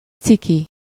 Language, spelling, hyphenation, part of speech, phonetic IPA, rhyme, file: Hungarian, ciki, ci‧ki, adjective, [ˈt͡siki], -ki, Hu-ciki.ogg
- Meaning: embarrassing, uncool, awkward (causing embarrassment), cringe, cringy